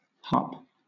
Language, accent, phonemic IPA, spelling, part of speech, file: English, Southern England, /hɑːp/, harp, noun / verb, LL-Q1860 (eng)-harp.wav